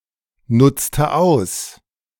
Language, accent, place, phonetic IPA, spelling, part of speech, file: German, Germany, Berlin, [ˌnʊt͡stə ˈaʊ̯s], nutzte aus, verb, De-nutzte aus.ogg
- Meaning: inflection of ausnutzen: 1. first/third-person singular preterite 2. first/third-person singular subjunctive II